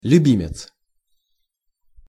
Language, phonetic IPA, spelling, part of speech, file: Russian, [lʲʉˈbʲimʲɪt͡s], любимец, noun, Ru-любимец.ogg
- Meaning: favourite/favorite, pet, fondling, minion